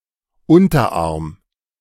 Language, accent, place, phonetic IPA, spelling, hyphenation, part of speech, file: German, Germany, Berlin, [ˈʊntɐˌʔaʁm], Unterarm, Un‧ter‧arm, noun, De-Unterarm.ogg
- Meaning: forearm (part of the arm)